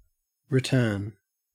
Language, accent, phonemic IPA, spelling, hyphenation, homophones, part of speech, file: English, Australia, /ɹɪˈtɜːn/, return, re‧turn, written, verb / noun, En-au-return.ogg
- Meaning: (verb) 1. To come or go back (to a place or person) 2. To go back in thought, narration, or argument 3. To recur; to come again 4. To turn back, retreat 5. To turn (something) round